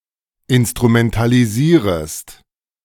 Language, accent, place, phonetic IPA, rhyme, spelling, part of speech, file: German, Germany, Berlin, [ɪnstʁumɛntaliˈziːʁəst], -iːʁəst, instrumentalisierest, verb, De-instrumentalisierest.ogg
- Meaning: second-person singular subjunctive I of instrumentalisieren